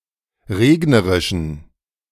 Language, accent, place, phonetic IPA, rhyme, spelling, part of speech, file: German, Germany, Berlin, [ˈʁeːɡnəʁɪʃn̩], -eːɡnəʁɪʃn̩, regnerischen, adjective, De-regnerischen.ogg
- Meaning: inflection of regnerisch: 1. strong genitive masculine/neuter singular 2. weak/mixed genitive/dative all-gender singular 3. strong/weak/mixed accusative masculine singular 4. strong dative plural